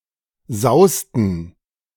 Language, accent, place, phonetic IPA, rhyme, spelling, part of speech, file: German, Germany, Berlin, [ˈzaʊ̯stn̩], -aʊ̯stn̩, sausten, verb, De-sausten.ogg
- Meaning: inflection of sausen: 1. first/third-person plural preterite 2. first/third-person plural subjunctive II